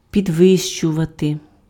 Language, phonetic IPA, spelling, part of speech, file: Ukrainian, [pʲidˈʋɪʃt͡ʃʊʋɐte], підвищувати, verb, Uk-підвищувати.ogg
- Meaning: 1. to raise (make higher, elevate) 2. to heighten 3. to raise, to increase 4. to promote, to elevate (raise to a higher rank)